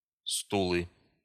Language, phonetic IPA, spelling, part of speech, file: Russian, [ˈstuɫɨ], стулы, noun, Ru-стулы.ogg
- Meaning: nominative/accusative plural of стул (stul)